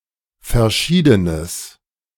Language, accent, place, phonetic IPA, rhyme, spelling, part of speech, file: German, Germany, Berlin, [fɛɐ̯ˈʃiːdənəs], -iːdənəs, verschiedenes, adjective, De-verschiedenes.ogg
- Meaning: strong/mixed nominative/accusative neuter singular of verschieden